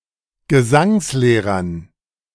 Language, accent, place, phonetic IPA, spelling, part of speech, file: German, Germany, Berlin, [ɡəˈzaŋsˌleːʁɐn], Gesangslehrern, noun, De-Gesangslehrern.ogg
- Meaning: dative plural of Gesangslehrer